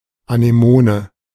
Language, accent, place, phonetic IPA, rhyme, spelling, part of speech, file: German, Germany, Berlin, [anəˈmoːnə], -oːnə, Anemone, noun, De-Anemone.ogg
- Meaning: anemone